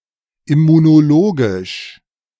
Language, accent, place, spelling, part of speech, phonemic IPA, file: German, Germany, Berlin, immunologisch, adjective, /ɪmunoˈloːɡɪʃ/, De-immunologisch.ogg
- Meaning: immunological